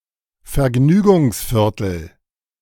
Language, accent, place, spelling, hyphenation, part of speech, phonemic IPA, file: German, Germany, Berlin, Vergnügungsviertel, Ver‧gnü‧gungs‧vier‧tel, noun, /fɛɐ̯ˈɡnyːɡʊŋsˌfɪʁtəl/, De-Vergnügungsviertel.ogg
- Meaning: entertainment district